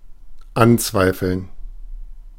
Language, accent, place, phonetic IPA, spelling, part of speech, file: German, Germany, Berlin, [ˈanˌt͡svaɪ̯fl̩n], anzweifeln, verb, De-anzweifeln.ogg
- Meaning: to question, to challenge, to (call into) doubt